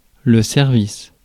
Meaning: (noun) 1. service 2. cutlery 3. set (collection of objects); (interjection) you're welcome
- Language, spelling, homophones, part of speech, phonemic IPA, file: French, service, services / servisse / servissent / servisses, noun / interjection, /sɛʁ.vis/, Fr-service.ogg